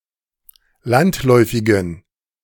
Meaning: inflection of landläufig: 1. strong genitive masculine/neuter singular 2. weak/mixed genitive/dative all-gender singular 3. strong/weak/mixed accusative masculine singular 4. strong dative plural
- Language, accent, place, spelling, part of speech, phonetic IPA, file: German, Germany, Berlin, landläufigen, adjective, [ˈlantˌlɔɪ̯fɪɡn̩], De-landläufigen.ogg